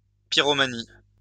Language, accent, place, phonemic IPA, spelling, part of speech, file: French, France, Lyon, /pi.ʁɔ.ma.ni/, pyromanie, noun, LL-Q150 (fra)-pyromanie.wav
- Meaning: pyromania